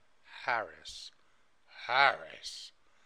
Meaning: A dried preparation of the flowering tops or other parts of the cannabis plant used as a psychotropic drug
- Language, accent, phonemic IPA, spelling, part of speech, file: English, UK, /ˈhæɹɪs/, harris, noun, En-uk-harris.ogg